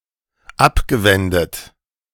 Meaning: past participle of abwenden
- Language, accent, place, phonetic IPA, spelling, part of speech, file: German, Germany, Berlin, [ˈapɡəˌvɛndət], abgewendet, verb, De-abgewendet.ogg